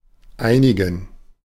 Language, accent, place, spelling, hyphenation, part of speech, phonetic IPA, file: German, Germany, Berlin, einigen, ei‧ni‧gen, verb / pronoun, [ˈʔaɪ̯nɪɡən], De-einigen.ogg
- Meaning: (verb) 1. to unite or unify (for example a group of people) 2. to agree, to reach an agreement; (pronoun) dative plural of einige